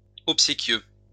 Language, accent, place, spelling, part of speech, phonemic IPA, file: French, France, Lyon, obséquieux, adjective, /ɔp.se.kjø/, LL-Q150 (fra)-obséquieux.wav
- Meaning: obsequious